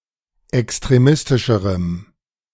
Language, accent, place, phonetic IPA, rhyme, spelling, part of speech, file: German, Germany, Berlin, [ɛkstʁeˈmɪstɪʃəʁəm], -ɪstɪʃəʁəm, extremistischerem, adjective, De-extremistischerem.ogg
- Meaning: strong dative masculine/neuter singular comparative degree of extremistisch